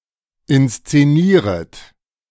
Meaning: second-person plural subjunctive I of inszenieren
- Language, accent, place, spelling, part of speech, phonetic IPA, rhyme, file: German, Germany, Berlin, inszenieret, verb, [ɪnst͡seˈniːʁət], -iːʁət, De-inszenieret.ogg